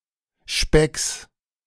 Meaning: genitive singular of Speck
- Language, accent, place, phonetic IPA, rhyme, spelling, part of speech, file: German, Germany, Berlin, [ʃpɛks], -ɛks, Specks, noun, De-Specks.ogg